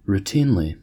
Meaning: 1. In a routine manner, in a way that has become common or expected 2. Done by rote or habit, as part of a routine, without attention or concern
- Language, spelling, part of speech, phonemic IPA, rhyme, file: English, routinely, adverb, /ɹuˈtinli/, -iːnli, En-us-routinely.ogg